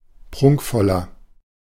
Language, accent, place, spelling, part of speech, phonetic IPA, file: German, Germany, Berlin, prunkvoller, adjective, [ˈpʁʊŋkfɔlɐ], De-prunkvoller.ogg
- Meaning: 1. comparative degree of prunkvoll 2. inflection of prunkvoll: strong/mixed nominative masculine singular 3. inflection of prunkvoll: strong genitive/dative feminine singular